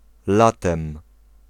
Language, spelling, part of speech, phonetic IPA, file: Polish, latem, adverb / noun, [ˈlatɛ̃m], Pl-latem.ogg